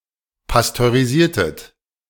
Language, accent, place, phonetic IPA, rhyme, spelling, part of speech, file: German, Germany, Berlin, [pastøʁiˈziːɐ̯tət], -iːɐ̯tət, pasteurisiertet, verb, De-pasteurisiertet.ogg
- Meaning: inflection of pasteurisieren: 1. second-person plural preterite 2. second-person plural subjunctive II